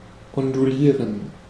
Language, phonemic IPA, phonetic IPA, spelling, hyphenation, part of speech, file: German, /ɔnduˈliːʁən/, [ʔɔnduˈliːɐ̯n], ondulieren, on‧du‧lie‧ren, verb, De-ondulieren.ogg
- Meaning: 1. to undulate 2. to wave (to put waves in hair)